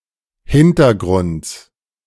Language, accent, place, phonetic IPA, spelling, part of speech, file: German, Germany, Berlin, [ˈhɪntɐˌɡʁʊnt͡s], Hintergrunds, noun, De-Hintergrunds.ogg
- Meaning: genitive singular of Hintergrund